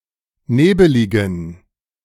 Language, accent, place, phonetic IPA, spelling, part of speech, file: German, Germany, Berlin, [ˈneːbəlɪɡn̩], nebeligen, adjective, De-nebeligen.ogg
- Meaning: inflection of nebelig: 1. strong genitive masculine/neuter singular 2. weak/mixed genitive/dative all-gender singular 3. strong/weak/mixed accusative masculine singular 4. strong dative plural